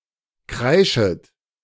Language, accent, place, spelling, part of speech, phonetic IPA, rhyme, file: German, Germany, Berlin, kreischet, verb, [ˈkʁaɪ̯ʃət], -aɪ̯ʃət, De-kreischet.ogg
- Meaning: second-person plural subjunctive I of kreischen